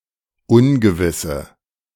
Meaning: inflection of ungewiss: 1. strong/mixed nominative/accusative feminine singular 2. strong nominative/accusative plural 3. weak nominative all-gender singular
- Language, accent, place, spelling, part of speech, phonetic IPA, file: German, Germany, Berlin, ungewisse, adjective, [ˈʊnɡəvɪsə], De-ungewisse.ogg